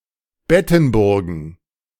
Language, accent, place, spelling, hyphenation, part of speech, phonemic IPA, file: German, Germany, Berlin, Bettenburgen, Bet‧ten‧bur‧gen, noun, /ˈbɛtn̩ˌbʊʁɡn̩/, De-Bettenburgen.ogg
- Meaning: plural of Bettenburg